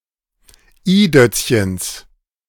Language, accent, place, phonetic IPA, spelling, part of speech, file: German, Germany, Berlin, [ˈiːˌdœt͡sçəns], i-Dötzchens, noun, De-i-Dötzchens.ogg
- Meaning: genitive of i-Dötzchen